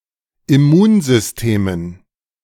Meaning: dative plural of Immunsystem
- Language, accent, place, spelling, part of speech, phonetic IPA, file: German, Germany, Berlin, Immunsystemen, noun, [ɪˈmuːnzʏsˌteːmən], De-Immunsystemen.ogg